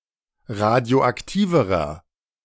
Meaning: inflection of radioaktiv: 1. strong/mixed nominative masculine singular comparative degree 2. strong genitive/dative feminine singular comparative degree 3. strong genitive plural comparative degree
- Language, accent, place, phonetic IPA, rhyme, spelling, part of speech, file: German, Germany, Berlin, [ˌʁadi̯oʔakˈtiːvəʁɐ], -iːvəʁɐ, radioaktiverer, adjective, De-radioaktiverer.ogg